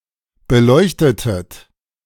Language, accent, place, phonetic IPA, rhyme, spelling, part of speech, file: German, Germany, Berlin, [bəˈlɔɪ̯çtətət], -ɔɪ̯çtətət, beleuchtetet, verb, De-beleuchtetet.ogg
- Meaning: inflection of beleuchten: 1. second-person plural preterite 2. second-person plural subjunctive II